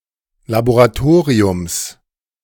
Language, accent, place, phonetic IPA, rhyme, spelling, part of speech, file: German, Germany, Berlin, [laboʁaˈtoːʁiʊms], -oːʁiʊms, Laboratoriums, noun, De-Laboratoriums.ogg
- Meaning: genitive singular of Laboratorium